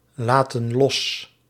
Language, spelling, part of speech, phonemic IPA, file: Dutch, laten los, verb, /ˈlatə(n) ˈlɔs/, Nl-laten los.ogg
- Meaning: inflection of loslaten: 1. plural present indicative 2. plural present subjunctive